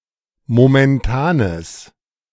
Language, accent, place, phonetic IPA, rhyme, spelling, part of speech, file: German, Germany, Berlin, [momɛnˈtaːnəs], -aːnəs, momentanes, adjective, De-momentanes.ogg
- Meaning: strong/mixed nominative/accusative neuter singular of momentan